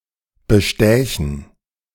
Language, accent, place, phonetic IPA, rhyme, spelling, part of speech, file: German, Germany, Berlin, [bəˈʃtɛːçn̩], -ɛːçn̩, bestächen, verb, De-bestächen.ogg
- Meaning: first/third-person plural subjunctive II of bestechen